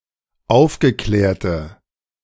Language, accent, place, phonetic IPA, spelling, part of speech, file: German, Germany, Berlin, [ˈaʊ̯fɡəˌklɛːɐ̯tə], aufgeklärte, adjective, De-aufgeklärte.ogg
- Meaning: inflection of aufgeklärt: 1. strong/mixed nominative/accusative feminine singular 2. strong nominative/accusative plural 3. weak nominative all-gender singular